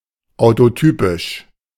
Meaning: autotypic
- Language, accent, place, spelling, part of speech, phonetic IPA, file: German, Germany, Berlin, autotypisch, adjective, [aʊ̯toˈtyːpɪʃ], De-autotypisch.ogg